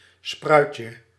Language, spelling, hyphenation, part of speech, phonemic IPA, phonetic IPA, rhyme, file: Dutch, spruitje, spruit‧je, noun, /ˈsprœy̯t.jə/, [ˈsprœy̯.cə], -œy̯tjə, Nl-spruitje.ogg
- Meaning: 1. diminutive of spruit 2. a Brussels sprout, a variant of Brassica oleracea of the gemmifera group